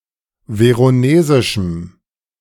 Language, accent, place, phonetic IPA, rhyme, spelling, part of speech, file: German, Germany, Berlin, [ˌveʁoˈneːzɪʃm̩], -eːzɪʃm̩, veronesischem, adjective, De-veronesischem.ogg
- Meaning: strong dative masculine/neuter singular of veronesisch